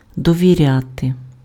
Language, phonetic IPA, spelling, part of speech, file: Ukrainian, [dɔʋʲiˈrʲate], довіряти, verb, Uk-довіряти.ogg
- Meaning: 1. to trust (smb.), to confide (in smb.) 2. to give credence (to smth.) 3. to entrust